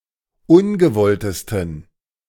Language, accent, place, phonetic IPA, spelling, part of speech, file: German, Germany, Berlin, [ˈʊnɡəˌvɔltəstn̩], ungewolltesten, adjective, De-ungewolltesten.ogg
- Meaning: 1. superlative degree of ungewollt 2. inflection of ungewollt: strong genitive masculine/neuter singular superlative degree